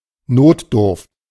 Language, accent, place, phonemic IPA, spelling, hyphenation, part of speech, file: German, Germany, Berlin, /ˈnoːtˌdʊʁft/, Notdurft, Not‧durft, noun, De-Notdurft.ogg
- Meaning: 1. necessity 2. call of nature